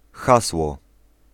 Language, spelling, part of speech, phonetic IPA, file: Polish, hasło, noun, [ˈxaswɔ], Pl-hasło.ogg